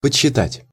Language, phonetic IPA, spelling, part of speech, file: Russian, [pət͡ɕɕːɪˈtatʲ], подсчитать, verb, Ru-подсчитать.ogg
- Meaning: to count, to compute, to calculate